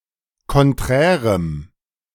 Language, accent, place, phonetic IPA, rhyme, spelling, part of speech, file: German, Germany, Berlin, [kɔnˈtʁɛːʁəm], -ɛːʁəm, konträrem, adjective, De-konträrem.ogg
- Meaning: strong dative masculine/neuter singular of konträr